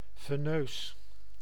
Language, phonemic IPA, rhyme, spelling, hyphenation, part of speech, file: Dutch, /veːˈnøːs/, -øːs, veneus, ve‧neus, adjective, Nl-veneus.ogg
- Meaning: venous, pertaining to the veins